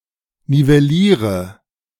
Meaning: inflection of nivellieren: 1. first-person singular present 2. singular imperative 3. first/third-person singular subjunctive I
- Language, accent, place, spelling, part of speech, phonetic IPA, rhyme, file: German, Germany, Berlin, nivelliere, verb, [nivɛˈliːʁə], -iːʁə, De-nivelliere.ogg